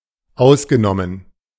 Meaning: past participle of ausnehmen
- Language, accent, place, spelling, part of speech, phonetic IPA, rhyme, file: German, Germany, Berlin, ausgenommen, verb / preposition, [ˈaʊ̯sɡəˌnɔmən], -aʊ̯sɡənɔmən, De-ausgenommen.ogg